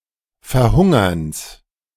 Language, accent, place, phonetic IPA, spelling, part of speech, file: German, Germany, Berlin, [fɛɐ̯ˈhʊŋɐns], Verhungerns, noun, De-Verhungerns.ogg
- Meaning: genitive singular of Verhungern